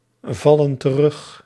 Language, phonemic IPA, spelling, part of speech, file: Dutch, /ˈvɑlə(n) t(ə)ˈrʏx/, vallen terug, verb, Nl-vallen terug.ogg
- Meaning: inflection of terugvallen: 1. plural present indicative 2. plural present subjunctive